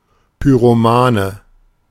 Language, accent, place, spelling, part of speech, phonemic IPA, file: German, Germany, Berlin, Pyromane, noun, /pyʁoˈmaːnə/, De-Pyromane.ogg
- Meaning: pyromaniac